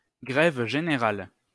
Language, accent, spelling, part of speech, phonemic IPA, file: French, France, grève générale, noun, /ɡʁɛv ʒe.ne.ʁal/, LL-Q150 (fra)-grève générale.wav
- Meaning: general strike